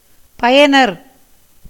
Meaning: 1. user, beneficiary 2. user (a person who uses a computer or a computing network, especially a person who has received a user account)
- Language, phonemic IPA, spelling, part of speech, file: Tamil, /pɐjɐnɐɾ/, பயனர், noun, Ta-பயனர்.ogg